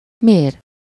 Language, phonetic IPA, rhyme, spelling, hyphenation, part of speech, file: Hungarian, [ˈmeːr], -eːr, mér, mér, verb / adverb, Hu-mér.ogg
- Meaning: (verb) 1. to measure, gauge, weigh, clock, time (measure in the broadest sense) 2. to strike or deal (a blow), to inflict or mete out (a punishment); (adverb) pronunciation spelling of mért (“why”)